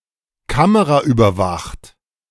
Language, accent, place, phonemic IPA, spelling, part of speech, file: German, Germany, Berlin, /ˈkaməʁaʔyːbɐˌvaχt/, kameraüberwacht, adjective, De-kameraüberwacht.ogg
- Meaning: camera-monitored (monitored by CCTV)